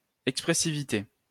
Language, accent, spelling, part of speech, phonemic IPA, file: French, France, expressivité, noun, /ɛk.spʁɛ.si.vi.te/, LL-Q150 (fra)-expressivité.wav
- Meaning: expressiveness, expressivity